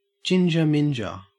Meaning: 1. A person who has red hair 2. A person who has red pubic hair
- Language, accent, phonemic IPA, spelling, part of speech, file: English, Australia, /ˈd͡ʒɪnd͡ʒə(ɹ)ˈmɪnd͡ʒə(ɹ)/, ginger minger, noun, En-au-ginger minger.ogg